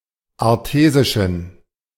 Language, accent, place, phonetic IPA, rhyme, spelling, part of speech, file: German, Germany, Berlin, [aʁˈteːzɪʃn̩], -eːzɪʃn̩, artesischen, adjective, De-artesischen.ogg
- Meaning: inflection of artesisch: 1. strong genitive masculine/neuter singular 2. weak/mixed genitive/dative all-gender singular 3. strong/weak/mixed accusative masculine singular 4. strong dative plural